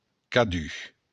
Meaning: each; each one
- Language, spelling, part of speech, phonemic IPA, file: Occitan, cadun, pronoun, /kaˈdy/, LL-Q35735-cadun.wav